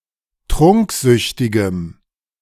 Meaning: strong dative masculine/neuter singular of trunksüchtig
- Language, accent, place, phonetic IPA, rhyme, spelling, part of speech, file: German, Germany, Berlin, [ˈtʁʊŋkˌzʏçtɪɡəm], -ʊŋkzʏçtɪɡəm, trunksüchtigem, adjective, De-trunksüchtigem.ogg